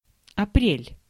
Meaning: April
- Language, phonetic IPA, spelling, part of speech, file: Russian, [ɐˈprʲelʲ], апрель, noun, Ru-апрель.ogg